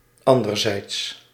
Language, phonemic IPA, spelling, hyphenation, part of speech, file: Dutch, /ˈɑn.dərˌzɛi̯ts/, anderzijds, an‧der‧zijds, adverb, Nl-anderzijds.ogg
- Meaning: on the other hand